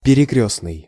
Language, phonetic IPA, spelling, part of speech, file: Russian, [pʲɪrʲɪˈkrʲɵsnɨj], перекрёстный, adjective, Ru-перекрёстный.ogg
- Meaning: cross-